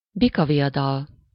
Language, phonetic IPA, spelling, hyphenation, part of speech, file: Hungarian, [ˈbikɒvijɒdɒl], bikaviadal, bi‧ka‧vi‧a‧dal, noun, Hu-bikaviadal.ogg
- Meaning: bullfighting, bullfight